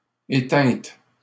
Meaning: feminine singular of éteint
- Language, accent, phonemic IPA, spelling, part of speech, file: French, Canada, /e.tɛ̃t/, éteinte, verb, LL-Q150 (fra)-éteinte.wav